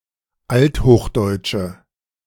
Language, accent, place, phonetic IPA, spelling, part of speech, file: German, Germany, Berlin, [ˈalthoːxˌdɔɪ̯tʃə], althochdeutsche, adjective, De-althochdeutsche.ogg
- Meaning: inflection of althochdeutsch: 1. strong/mixed nominative/accusative feminine singular 2. strong nominative/accusative plural 3. weak nominative all-gender singular